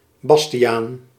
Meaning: a male given name derived from Sebastiaan
- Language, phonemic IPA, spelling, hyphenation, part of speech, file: Dutch, /ˈbɑs.ti.aːn/, Bastiaan, Bas‧ti‧aan, proper noun, Nl-Bastiaan.ogg